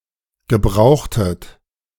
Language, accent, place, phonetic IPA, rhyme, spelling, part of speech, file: German, Germany, Berlin, [ɡəˈbʁaʊ̯xtət], -aʊ̯xtət, gebrauchtet, verb, De-gebrauchtet.ogg
- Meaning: inflection of gebrauchen: 1. second-person plural preterite 2. second-person plural subjunctive II